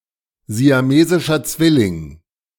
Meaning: conjoined twin, Siamese twin (male or female)
- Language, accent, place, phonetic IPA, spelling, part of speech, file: German, Germany, Berlin, [zi̯aˈmeːzɪʃɐ ˈt͡svɪlɪŋ], siamesischer Zwilling, phrase, De-siamesischer Zwilling.ogg